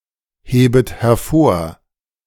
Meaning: second-person plural subjunctive I of hervorheben
- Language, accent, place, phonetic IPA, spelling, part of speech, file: German, Germany, Berlin, [ˌheːbət hɛɐ̯ˈfoːɐ̯], hebet hervor, verb, De-hebet hervor.ogg